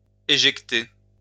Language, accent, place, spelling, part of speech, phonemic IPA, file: French, France, Lyon, éjecter, verb, /e.ʒɛk.te/, LL-Q150 (fra)-éjecter.wav
- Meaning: to eject